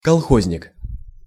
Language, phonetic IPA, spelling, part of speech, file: Russian, [kɐɫˈxozʲnʲɪk], колхозник, noun, Ru-колхозник.ogg
- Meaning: collective farmer, kolkhoznik, redneck